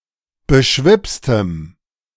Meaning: strong dative masculine/neuter singular of beschwipst
- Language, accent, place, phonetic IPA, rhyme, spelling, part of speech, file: German, Germany, Berlin, [bəˈʃvɪpstəm], -ɪpstəm, beschwipstem, adjective, De-beschwipstem.ogg